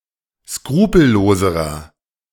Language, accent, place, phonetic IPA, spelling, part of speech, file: German, Germany, Berlin, [ˈskʁuːpl̩ˌloːzəʁɐ], skrupelloserer, adjective, De-skrupelloserer.ogg
- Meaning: inflection of skrupellos: 1. strong/mixed nominative masculine singular comparative degree 2. strong genitive/dative feminine singular comparative degree 3. strong genitive plural comparative degree